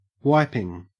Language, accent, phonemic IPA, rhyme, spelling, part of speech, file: English, Australia, /ˈwaɪpɪŋ/, -aɪpɪŋ, wiping, verb / noun, En-au-wiping.ogg
- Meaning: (verb) present participle and gerund of wipe; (noun) 1. The act by which something is wiped 2. Material wiped off something 3. A thrashing